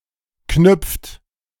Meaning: inflection of knüpfen: 1. third-person singular present 2. second-person plural present 3. plural imperative
- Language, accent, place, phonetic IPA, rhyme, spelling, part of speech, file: German, Germany, Berlin, [knʏp͡ft], -ʏp͡ft, knüpft, verb, De-knüpft.ogg